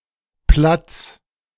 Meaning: genitive singular of Platt
- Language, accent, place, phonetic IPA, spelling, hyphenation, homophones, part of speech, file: German, Germany, Berlin, [plats], Platts, Platts, Platz / platz, noun, De-Platts.ogg